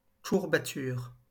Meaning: 1. stiffness (in the muscles), ache 2. founder, laminitis (horse ailment)
- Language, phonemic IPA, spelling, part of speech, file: French, /kuʁ.ba.tyʁ/, courbature, noun, LL-Q150 (fra)-courbature.wav